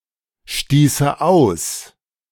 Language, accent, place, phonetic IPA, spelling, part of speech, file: German, Germany, Berlin, [ˌʃtiːsə ˈaʊ̯s], stieße aus, verb, De-stieße aus.ogg
- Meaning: first/third-person singular subjunctive II of ausstoßen